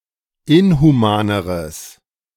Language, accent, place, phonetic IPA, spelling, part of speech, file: German, Germany, Berlin, [ˈɪnhuˌmaːnəʁəs], inhumaneres, adjective, De-inhumaneres.ogg
- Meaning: strong/mixed nominative/accusative neuter singular comparative degree of inhuman